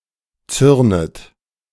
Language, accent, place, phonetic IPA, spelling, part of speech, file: German, Germany, Berlin, [ˈt͡sʏʁnət], zürnet, verb, De-zürnet.ogg
- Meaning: second-person plural subjunctive I of zürnen